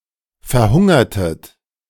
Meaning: inflection of verhungern: 1. second-person plural preterite 2. second-person plural subjunctive II
- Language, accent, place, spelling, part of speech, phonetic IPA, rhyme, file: German, Germany, Berlin, verhungertet, verb, [fɛɐ̯ˈhʊŋɐtət], -ʊŋɐtət, De-verhungertet.ogg